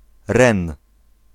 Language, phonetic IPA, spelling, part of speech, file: Polish, [rɛ̃n], Ren, proper noun, Pl-Ren.ogg